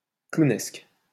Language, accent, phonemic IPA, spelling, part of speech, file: French, France, /klu.nɛsk/, clownesque, adjective, LL-Q150 (fra)-clownesque.wav
- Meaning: 1. clown 2. clownish; characteristic of clowns